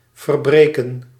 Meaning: 1. to break, break up physically 2. to break, undo figuratively, e.g. a spell 3. to violate (the terms of a contract) 4. to annul (a court ruling) on procedural grounds
- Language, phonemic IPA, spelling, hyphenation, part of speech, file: Dutch, /vərˈbreː.kə(n)/, verbreken, ver‧bre‧ken, verb, Nl-verbreken.ogg